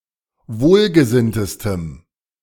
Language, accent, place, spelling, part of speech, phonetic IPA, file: German, Germany, Berlin, wohlgesinntestem, adjective, [ˈvoːlɡəˌzɪntəstəm], De-wohlgesinntestem.ogg
- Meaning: strong dative masculine/neuter singular superlative degree of wohlgesinnt